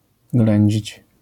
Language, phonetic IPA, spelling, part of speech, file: Polish, [ˈɡlɛ̃ɲd͡ʑit͡ɕ], ględzić, verb, LL-Q809 (pol)-ględzić.wav